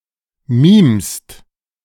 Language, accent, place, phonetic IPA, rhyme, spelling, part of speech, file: German, Germany, Berlin, [miːmst], -iːmst, mimst, verb, De-mimst.ogg
- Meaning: second-person singular present of mimen